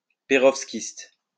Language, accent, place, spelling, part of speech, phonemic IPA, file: French, France, Lyon, pérovskite, noun, /pe.ʁɔv.skit/, LL-Q150 (fra)-pérovskite.wav
- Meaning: perovskite